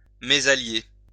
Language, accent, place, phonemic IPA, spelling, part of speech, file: French, France, Lyon, /me.za.lje/, mésallier, verb, LL-Q150 (fra)-mésallier.wav
- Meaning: to misally; to marry beneath one's rank